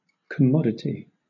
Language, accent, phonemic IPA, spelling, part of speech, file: English, Southern England, /kəˈmɒdəti/, commodity, noun, LL-Q1860 (eng)-commodity.wav
- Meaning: 1. Anything movable (a good) that is bought and sold 2. Something useful or valuable